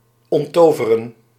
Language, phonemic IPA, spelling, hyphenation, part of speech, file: Dutch, /ˌɔntˈtoː.və.rə(n)/, onttoveren, ont‧to‧ve‧ren, verb, Nl-onttoveren.ogg
- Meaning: 1. to disenchant, to remove magic 2. to disenchant, the process of cultural rationalization and devaluation of religion